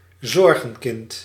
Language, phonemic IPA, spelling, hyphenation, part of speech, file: Dutch, /ˈzɔr.ɣə(n)ˌkɪnt/, zorgenkind, zor‧gen‧kind, noun, Nl-zorgenkind.ogg
- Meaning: 1. a problem child, troubled and/or troublesome youngster or offspring 2. any source of grave/regular worries